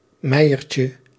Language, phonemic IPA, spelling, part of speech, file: Dutch, /ˈmɛijərcə/, meiertje, noun, Nl-meiertje.ogg
- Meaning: diminutive of meier